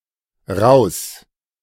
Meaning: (adverb) 1. out, out of there, outta there 2. out, out of here, outta here; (interjection) get out!
- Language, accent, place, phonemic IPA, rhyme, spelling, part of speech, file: German, Germany, Berlin, /ʁaʊ̯s/, -aʊ̯s, raus, adverb / interjection, De-raus.ogg